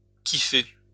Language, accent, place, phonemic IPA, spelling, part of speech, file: French, France, Lyon, /ki.fe/, kifer, verb, LL-Q150 (fra)-kifer.wav
- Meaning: alternative spelling of kiffer